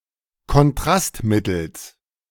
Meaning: genitive singular of Kontrastmittel
- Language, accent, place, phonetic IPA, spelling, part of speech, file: German, Germany, Berlin, [kɔnˈtʁastˌmɪtl̩s], Kontrastmittels, noun, De-Kontrastmittels.ogg